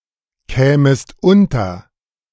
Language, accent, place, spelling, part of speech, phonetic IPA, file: German, Germany, Berlin, kämest unter, verb, [ˌkɛːməst ˈʊntɐ], De-kämest unter.ogg
- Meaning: second-person singular subjunctive II of unterkommen